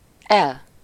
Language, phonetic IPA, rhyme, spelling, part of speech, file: Hungarian, [ˈɛl], -ɛl, el, adverb / interjection, Hu-el.ogg
- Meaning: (adverb) 1. off 2. away 3. yes (used as an affirmative answer to a question containing a verb prefixed with el- or to emphasize a preceding statement, having the same value as the verb in question)